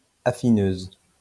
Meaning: female equivalent of affineur
- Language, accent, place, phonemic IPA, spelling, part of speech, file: French, France, Lyon, /a.fi.nøz/, affineuse, noun, LL-Q150 (fra)-affineuse.wav